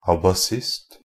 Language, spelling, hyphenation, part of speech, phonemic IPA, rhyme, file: Norwegian Bokmål, abasist, a‧ba‧sist, noun, /abaˈsɪst/, -ɪst, NB - Pronunciation of Norwegian Bokmål «abasist».ogg
- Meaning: an abacist (one who uses an abacus in casting accounts)